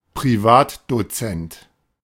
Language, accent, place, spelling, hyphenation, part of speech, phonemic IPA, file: German, Germany, Berlin, Privatdozent, Pri‧vat‧do‧zent, noun, /pʁiˈvaːtdoˌt͡sɛnt/, De-Privatdozent.ogg
- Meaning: privatdozent (male or of unspecified gender) (an academic who holds all formal qualifications to become a tenured university professor)